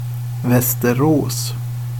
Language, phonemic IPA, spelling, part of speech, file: Swedish, /ʋɛstɛrˈoːs/, Västerås, proper noun, Sv-Västerås.ogg
- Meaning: Västerås, a city on Lake Mälaren in the province of Västmanland. The fifth-largest city in Sweden